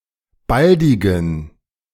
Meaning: inflection of baldig: 1. strong genitive masculine/neuter singular 2. weak/mixed genitive/dative all-gender singular 3. strong/weak/mixed accusative masculine singular 4. strong dative plural
- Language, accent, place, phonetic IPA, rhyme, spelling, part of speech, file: German, Germany, Berlin, [ˈbaldɪɡn̩], -aldɪɡn̩, baldigen, adjective, De-baldigen.ogg